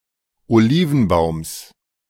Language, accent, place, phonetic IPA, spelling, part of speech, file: German, Germany, Berlin, [oˈliːvn̩ˌbaʊ̯ms], Olivenbaums, noun, De-Olivenbaums.ogg
- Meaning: genitive of Olivenbaum